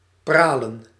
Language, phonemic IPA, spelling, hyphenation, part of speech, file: Dutch, /ˈpraː.lə(n)/, pralen, pra‧len, verb, Nl-pralen.ogg
- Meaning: 1. to shine, to radiate 2. to display, to show off (with the intention of making a wealthy or successful impression)